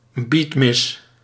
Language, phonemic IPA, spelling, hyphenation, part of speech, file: Dutch, /ˈbit.mɪs/, beatmis, beat‧mis, noun, Nl-beatmis.ogg
- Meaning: a mass accompanied by beat music